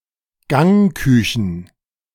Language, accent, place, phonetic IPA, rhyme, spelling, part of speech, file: German, Germany, Berlin, [ˈɡɛŋɪɡəʁən], -ɛŋɪɡəʁən, gängigeren, adjective, De-gängigeren.ogg
- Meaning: inflection of gängig: 1. strong genitive masculine/neuter singular comparative degree 2. weak/mixed genitive/dative all-gender singular comparative degree